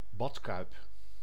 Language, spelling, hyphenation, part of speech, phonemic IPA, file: Dutch, badkuip, bad‧kuip, noun, /ˈbɑtˌkœy̯p/, Nl-badkuip.ogg
- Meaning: bathtub